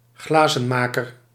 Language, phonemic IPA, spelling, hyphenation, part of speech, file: Dutch, /ˈɣlaː.zə(n)ˌmaː.kər/, glazenmaker, gla‧zen‧ma‧ker, noun, Nl-glazenmaker.ogg
- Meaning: 1. a glazier 2. a hawker, aeshnid (any dragonfly of the Aeshnidae family)